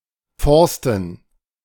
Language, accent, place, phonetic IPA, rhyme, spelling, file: German, Germany, Berlin, [ˈfɔʁstn̩], -ɔʁstn̩, Forsten, De-Forsten.ogg
- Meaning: plural of Forst